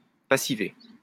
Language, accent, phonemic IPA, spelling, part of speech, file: French, France, /pa.si.ve/, passiver, verb, LL-Q150 (fra)-passiver.wav
- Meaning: 1. to make passive 2. to passivate